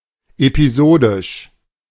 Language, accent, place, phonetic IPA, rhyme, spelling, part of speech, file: German, Germany, Berlin, [epiˈzoːdɪʃ], -oːdɪʃ, episodisch, adjective, De-episodisch.ogg
- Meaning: episodic